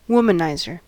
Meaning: A man who habitually flirts with and seduces, or attempts to seduce, women
- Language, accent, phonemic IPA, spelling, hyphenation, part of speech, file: English, US, /ˈwʊm.əˌnaɪ.zəɹ/, womanizer, wom‧an‧iz‧er, noun, En-us-womanizer.ogg